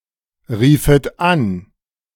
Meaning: second-person plural subjunctive II of anrufen
- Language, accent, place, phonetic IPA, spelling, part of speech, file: German, Germany, Berlin, [ˌʁiːfət ˈan], riefet an, verb, De-riefet an.ogg